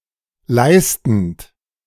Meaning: present participle of leisten
- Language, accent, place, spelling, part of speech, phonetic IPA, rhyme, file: German, Germany, Berlin, leistend, verb, [ˈlaɪ̯stn̩t], -aɪ̯stn̩t, De-leistend.ogg